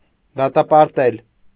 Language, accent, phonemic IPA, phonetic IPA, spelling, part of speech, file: Armenian, Eastern Armenian, /dɑtɑpɑɾˈtel/, [dɑtɑpɑɾtél], դատապարտել, verb, Hy-դատապարտել.ogg
- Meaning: 1. to convict, to sentence 2. to condemn, to judge, to blame 3. to oblige, to obligate, to force 4. to subject, to put through